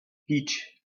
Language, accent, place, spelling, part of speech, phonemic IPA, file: French, France, Lyon, pitch, noun, /pitʃ/, LL-Q150 (fra)-pitch.wav
- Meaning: pitch (sales patter, inclination)